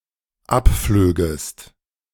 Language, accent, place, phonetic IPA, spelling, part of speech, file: German, Germany, Berlin, [ˈapˌfløːɡəst], abflögest, verb, De-abflögest.ogg
- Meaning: second-person singular dependent subjunctive II of abfliegen